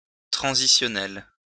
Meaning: transitional
- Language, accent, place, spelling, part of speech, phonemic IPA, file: French, France, Lyon, transitionnel, adjective, /tʁɑ̃.zi.sjɔ.nɛl/, LL-Q150 (fra)-transitionnel.wav